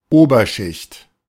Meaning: upper class
- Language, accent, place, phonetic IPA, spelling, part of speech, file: German, Germany, Berlin, [ˈoːbɐˌʃɪçt], Oberschicht, noun, De-Oberschicht.ogg